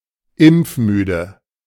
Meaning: unvaccinated (deliberately)
- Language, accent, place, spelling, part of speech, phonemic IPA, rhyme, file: German, Germany, Berlin, impfmüde, adjective, /ˈɪmpfˌmyːdə/, -yːdə, De-impfmüde.ogg